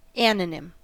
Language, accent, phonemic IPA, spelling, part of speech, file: English, US, /ˈæn.ə.nɪm/, anonym, noun, En-us-anonym.ogg
- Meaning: 1. An anonymous person 2. An assumed or false name 3. A mere name; a name resting upon no diagnosis or other recognized basis